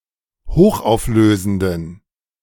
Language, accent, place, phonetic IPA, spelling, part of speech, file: German, Germany, Berlin, [ˈhoːxʔaʊ̯fˌløːzn̩dən], hochauflösenden, adjective, De-hochauflösenden.ogg
- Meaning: inflection of hochauflösend: 1. strong genitive masculine/neuter singular 2. weak/mixed genitive/dative all-gender singular 3. strong/weak/mixed accusative masculine singular 4. strong dative plural